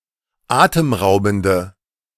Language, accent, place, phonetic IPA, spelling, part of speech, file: German, Germany, Berlin, [ˈaːtəmˌʁaʊ̯bn̩də], atemraubende, adjective, De-atemraubende.ogg
- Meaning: inflection of atemraubend: 1. strong/mixed nominative/accusative feminine singular 2. strong nominative/accusative plural 3. weak nominative all-gender singular